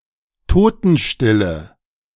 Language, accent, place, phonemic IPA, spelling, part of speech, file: German, Germany, Berlin, /ˈtoːtn̩ˌʃtɪlə/, Totenstille, noun, De-Totenstille.ogg
- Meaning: dead silence